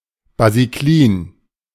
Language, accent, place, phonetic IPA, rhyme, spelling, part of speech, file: German, Germany, Berlin, [baziˈkliːn], -iːn, basiklin, adjective, De-basiklin.ogg
- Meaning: tending to grow in basic soil